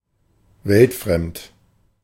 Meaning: 1. naive, unworldly, unfamiliar with the reality, the challenges, and the opportunities of everyday life 2. sheltered, cloistered 3. absurd, otherworldly
- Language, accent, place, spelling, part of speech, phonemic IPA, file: German, Germany, Berlin, weltfremd, adjective, /ˈvɛltˌfʁɛmt/, De-weltfremd.ogg